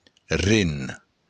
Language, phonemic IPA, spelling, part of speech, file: Occitan, /ren/, ren, noun, LL-Q14185 (oci)-ren.wav
- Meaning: kidney